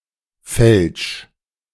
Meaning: 1. singular imperative of fälschen 2. first-person singular present of fälschen
- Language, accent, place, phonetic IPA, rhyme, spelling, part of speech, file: German, Germany, Berlin, [fɛlʃ], -ɛlʃ, fälsch, verb, De-fälsch.ogg